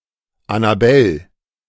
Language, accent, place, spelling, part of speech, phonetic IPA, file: German, Germany, Berlin, Annabell, proper noun, [ˈanaˌbɛl], De-Annabell.ogg
- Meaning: a female given name, equivalent to English Annabel